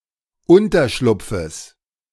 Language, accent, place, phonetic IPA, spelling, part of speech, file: German, Germany, Berlin, [ˈʊntɐˌʃlʊp͡fəs], Unterschlupfes, noun, De-Unterschlupfes.ogg
- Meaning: genitive of Unterschlupf